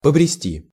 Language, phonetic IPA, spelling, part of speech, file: Russian, [pəbrʲɪˈsʲtʲi], побрести, verb, Ru-побрести.ogg
- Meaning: to plod, to start wandering